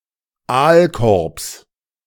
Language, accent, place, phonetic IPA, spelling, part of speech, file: German, Germany, Berlin, [ˈaːlkɔʁps], Aalkorbs, noun, De-Aalkorbs.ogg
- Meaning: genitive singular of Aalkorb